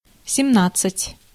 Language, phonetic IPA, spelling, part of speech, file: Russian, [sʲɪˈmnat͡s(ː)ɨtʲ], семнадцать, numeral, Ru-семнадцать.ogg
- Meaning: seventeen (17)